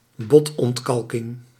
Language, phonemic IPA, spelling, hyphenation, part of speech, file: Dutch, /ˈbɔt.ɔntˌkɑl.kɪŋ/, botontkalking, bot‧ont‧kal‧king, noun, Nl-botontkalking.ogg
- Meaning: osteoporosis